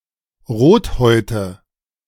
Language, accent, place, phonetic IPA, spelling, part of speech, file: German, Germany, Berlin, [ˈʁoːtˌhɔɪ̯tə], Rothäute, noun, De-Rothäute.ogg
- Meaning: nominative/accusative/genitive plural of Rothaut